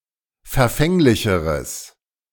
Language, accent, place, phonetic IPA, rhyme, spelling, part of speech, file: German, Germany, Berlin, [fɛɐ̯ˈfɛŋlɪçəʁəs], -ɛŋlɪçəʁəs, verfänglicheres, adjective, De-verfänglicheres.ogg
- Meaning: strong/mixed nominative/accusative neuter singular comparative degree of verfänglich